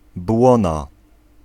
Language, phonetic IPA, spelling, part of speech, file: Polish, [ˈbwɔ̃na], błona, noun, Pl-błona.ogg